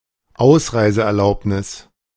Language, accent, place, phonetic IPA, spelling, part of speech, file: German, Germany, Berlin, [ˈaʊ̯sʀaɪ̯zəʔɛɐ̯ˌlaʊ̯pnɪs], Ausreiseerlaubnis, noun, De-Ausreiseerlaubnis.ogg
- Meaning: exit permit, permission to leave the country